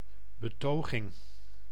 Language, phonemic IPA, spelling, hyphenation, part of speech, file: Dutch, /bəˈtoː.ɣɪŋ/, betoging, be‧to‧ging, noun, Nl-betoging.ogg
- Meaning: demonstration, group protest